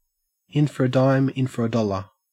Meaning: Synonym of in for a penny, in for a pound
- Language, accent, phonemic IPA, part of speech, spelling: English, Australia, /ɪn fɔɹ ə ˈdaɪm ɪn fɔɹ ə ˈdɒ.lɚ/, proverb, in for a dime, in for a dollar